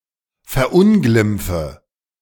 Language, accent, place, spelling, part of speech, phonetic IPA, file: German, Germany, Berlin, verunglimpfe, verb, [fɛɐ̯ˈʔʊnɡlɪmp͡fə], De-verunglimpfe.ogg
- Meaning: inflection of verunglimpfen: 1. first-person singular present 2. first/third-person singular subjunctive I 3. singular imperative